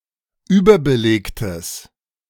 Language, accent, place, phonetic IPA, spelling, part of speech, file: German, Germany, Berlin, [ˈyːbɐbəˌleːktəs], überbelegtes, adjective, De-überbelegtes.ogg
- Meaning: strong/mixed nominative/accusative neuter singular of überbelegt